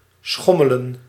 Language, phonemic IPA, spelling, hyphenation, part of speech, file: Dutch, /ˈsxɔ.mə.lə(n)/, schommelen, schom‧me‧len, verb, Nl-schommelen.ogg
- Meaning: 1. to swing, to sway side to side 2. to oscillate, fluctuate